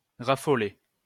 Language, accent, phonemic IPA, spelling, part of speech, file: French, France, /ʁa.fɔ.le/, raffoler, verb, LL-Q150 (fra)-raffoler.wav
- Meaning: to be mad (about); to be crazy (for) (have a big passion for)